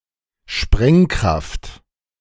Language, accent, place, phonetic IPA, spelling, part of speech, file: German, Germany, Berlin, [ˈʃpʁɛŋˌkʁaft], Sprengkraft, noun, De-Sprengkraft.ogg
- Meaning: explosive force